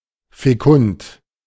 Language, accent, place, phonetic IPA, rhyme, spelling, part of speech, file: German, Germany, Berlin, [feˈkʊnt], -ʊnt, fekund, adjective, De-fekund.ogg
- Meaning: fecund, fertile